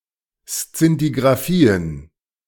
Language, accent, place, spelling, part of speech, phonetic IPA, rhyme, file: German, Germany, Berlin, Szintigrafien, noun, [st͡sɪntiɡʁaˈfiːən], -iːən, De-Szintigrafien.ogg
- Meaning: plural of Szintigrafie